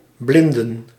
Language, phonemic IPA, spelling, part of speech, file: Dutch, /ˈblɪndə(n)/, blinden, verb / noun, Nl-blinden.ogg
- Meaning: plural of blind